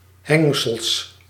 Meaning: 1. hinge 2. arching handle on certain containers (e.g. of a bucket, basket, tote bag)
- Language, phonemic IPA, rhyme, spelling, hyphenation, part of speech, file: Dutch, /ˈɦɛŋ.səl/, -ɛŋsəl, hengsel, heng‧sel, noun, Nl-hengsel.ogg